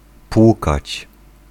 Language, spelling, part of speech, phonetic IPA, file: Polish, płukać, verb, [ˈpwukat͡ɕ], Pl-płukać.ogg